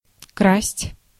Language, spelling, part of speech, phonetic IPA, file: Russian, красть, verb, [krasʲtʲ], Ru-красть.ogg
- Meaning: to steal